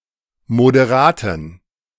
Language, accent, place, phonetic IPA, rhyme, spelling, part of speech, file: German, Germany, Berlin, [modeˈʁaːtn̩], -aːtn̩, moderaten, adjective, De-moderaten.ogg
- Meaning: inflection of moderat: 1. strong genitive masculine/neuter singular 2. weak/mixed genitive/dative all-gender singular 3. strong/weak/mixed accusative masculine singular 4. strong dative plural